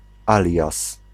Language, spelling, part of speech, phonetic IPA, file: Polish, alias, conjunction / noun, [ˈalʲjas], Pl-alias.ogg